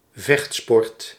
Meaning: martial art
- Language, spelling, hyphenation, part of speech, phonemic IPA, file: Dutch, vechtsport, vecht‧sport, noun, /ˈvɛxt.spɔrt/, Nl-vechtsport.ogg